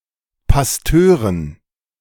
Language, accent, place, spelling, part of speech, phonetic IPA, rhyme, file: German, Germany, Berlin, Pastören, noun, [pasˈtøːʁən], -øːʁən, De-Pastören.ogg
- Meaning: dative plural of Pastor